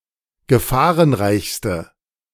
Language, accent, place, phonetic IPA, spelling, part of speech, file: German, Germany, Berlin, [ɡəˈfaːʁənˌʁaɪ̯çstə], gefahrenreichste, adjective, De-gefahrenreichste.ogg
- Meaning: inflection of gefahrenreich: 1. strong/mixed nominative/accusative feminine singular superlative degree 2. strong nominative/accusative plural superlative degree